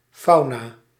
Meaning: 1. fauna, the animal life inhabiting an area 2. a book describing the animal life in a region
- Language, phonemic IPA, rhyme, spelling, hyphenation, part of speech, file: Dutch, /ˈfɑu̯.naː/, -ɑu̯naː, fauna, fau‧na, noun, Nl-fauna.ogg